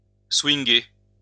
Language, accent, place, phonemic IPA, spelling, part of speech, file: French, France, Lyon, /swiŋ.ɡe/, swinguer, verb, LL-Q150 (fra)-swinguer.wav
- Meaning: to swing (dance)